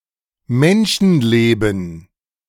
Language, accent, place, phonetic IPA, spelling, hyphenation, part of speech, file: German, Germany, Berlin, [ˈmɛnʃn̩ˌleːbn̩], Menschenleben, Men‧schen‧le‧ben, noun, De-Menschenleben.ogg
- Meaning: 1. lifespan, lifetime 2. a (live) human individual 3. human life